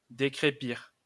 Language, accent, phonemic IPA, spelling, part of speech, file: French, France, /de.kʁe.piʁ/, décrépir, verb, LL-Q150 (fra)-décrépir.wav
- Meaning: to remove roughcast (from)